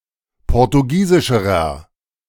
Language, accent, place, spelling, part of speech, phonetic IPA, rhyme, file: German, Germany, Berlin, portugiesischerer, adjective, [ˌpɔʁtuˈɡiːzɪʃəʁɐ], -iːzɪʃəʁɐ, De-portugiesischerer.ogg
- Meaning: inflection of portugiesisch: 1. strong/mixed nominative masculine singular comparative degree 2. strong genitive/dative feminine singular comparative degree